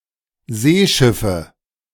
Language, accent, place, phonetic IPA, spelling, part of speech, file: German, Germany, Berlin, [ˈzeːˌʃɪfə], Seeschiffe, noun, De-Seeschiffe.ogg
- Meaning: nominative/accusative/genitive plural of Seeschiff